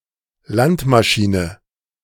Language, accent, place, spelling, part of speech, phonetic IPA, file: German, Germany, Berlin, Landmaschine, noun, [ˈlantmaˌʃiːnə], De-Landmaschine.ogg
- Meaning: agricultural machine / implement